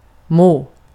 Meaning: 1. may 2. must (can be assumed to) 3. to feel (good or bad), to be (ill or well)
- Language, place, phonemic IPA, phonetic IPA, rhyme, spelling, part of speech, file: Swedish, Gotland, /moː/, [moə̯], -oː, må, verb, Sv-må.ogg